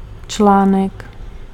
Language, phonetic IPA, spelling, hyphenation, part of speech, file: Czech, [ˈt͡ʃlaːnɛk], článek, člá‧nek, noun, Cs-článek.ogg
- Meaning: 1. article (text piece) 2. paper, article (scientific) 3. cell (of an electrical battery) 4. link (element of a chain)